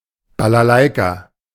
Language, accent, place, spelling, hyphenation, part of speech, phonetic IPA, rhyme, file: German, Germany, Berlin, Balalaika, Ba‧la‧lai‧ka, noun, [balaˈlaɪ̯ka], -aɪ̯ka, De-Balalaika.ogg
- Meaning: balalaika